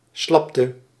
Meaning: slackness
- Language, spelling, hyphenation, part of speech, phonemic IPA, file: Dutch, slapte, slap‧te, noun / verb, /ˈslɑptə/, Nl-slapte.ogg